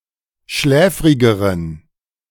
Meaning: inflection of schläfrig: 1. strong genitive masculine/neuter singular comparative degree 2. weak/mixed genitive/dative all-gender singular comparative degree
- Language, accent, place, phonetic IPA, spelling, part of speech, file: German, Germany, Berlin, [ˈʃlɛːfʁɪɡəʁən], schläfrigeren, adjective, De-schläfrigeren.ogg